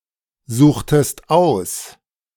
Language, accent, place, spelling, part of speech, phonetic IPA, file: German, Germany, Berlin, suchtest aus, verb, [ˌzuːxtəst ˈaʊ̯s], De-suchtest aus.ogg
- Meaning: inflection of aussuchen: 1. second-person singular preterite 2. second-person singular subjunctive II